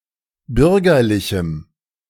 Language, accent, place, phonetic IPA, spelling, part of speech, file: German, Germany, Berlin, [ˈbʏʁɡɐlɪçm̩], bürgerlichem, adjective, De-bürgerlichem.ogg
- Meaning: strong dative masculine/neuter singular of bürgerlich